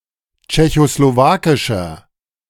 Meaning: inflection of tschechoslowakisch: 1. strong/mixed nominative masculine singular 2. strong genitive/dative feminine singular 3. strong genitive plural
- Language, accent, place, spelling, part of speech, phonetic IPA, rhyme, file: German, Germany, Berlin, tschechoslowakischer, adjective, [t͡ʃɛçosloˈvaːkɪʃɐ], -aːkɪʃɐ, De-tschechoslowakischer.ogg